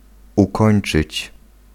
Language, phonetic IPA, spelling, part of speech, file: Polish, [uˈkɔ̃j̃n͇t͡ʃɨt͡ɕ], ukończyć, verb, Pl-ukończyć.ogg